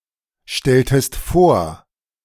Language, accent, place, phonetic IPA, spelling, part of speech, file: German, Germany, Berlin, [ˌʃtɛltəst ˈfoːɐ̯], stelltest vor, verb, De-stelltest vor.ogg
- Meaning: inflection of vorstellen: 1. second-person singular preterite 2. second-person singular subjunctive II